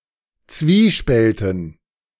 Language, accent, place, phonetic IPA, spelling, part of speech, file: German, Germany, Berlin, [ˈt͡sviːˌʃpɛltn̩], Zwiespälten, noun, De-Zwiespälten.ogg
- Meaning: dative plural of Zwiespalt